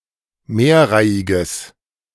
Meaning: strong/mixed nominative/accusative neuter singular of mehrreihig
- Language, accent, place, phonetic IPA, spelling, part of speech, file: German, Germany, Berlin, [ˈmeːɐ̯ˌʁaɪ̯ɪɡəs], mehrreihiges, adjective, De-mehrreihiges.ogg